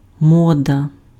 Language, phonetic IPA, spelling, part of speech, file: Ukrainian, [ˈmɔdɐ], мода, noun, Uk-мода.ogg
- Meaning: 1. fashion, vogue 2. mode